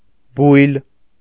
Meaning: 1. group of stars 2. group, pack, flock, cluster (of anything)
- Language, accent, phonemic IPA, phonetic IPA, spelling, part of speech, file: Armenian, Eastern Armenian, /bujl/, [bujl], բույլ, noun, Hy-բույլ.ogg